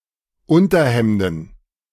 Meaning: plural of Unterhemd
- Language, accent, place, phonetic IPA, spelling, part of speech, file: German, Germany, Berlin, [ˈʊntɐˌhɛmdn̩], Unterhemden, noun, De-Unterhemden.ogg